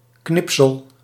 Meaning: a cut-out piece of paper or other material; a cutting, a clipping
- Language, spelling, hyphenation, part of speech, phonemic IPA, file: Dutch, knipsel, knip‧sel, noun, /ˈknɪp.səl/, Nl-knipsel.ogg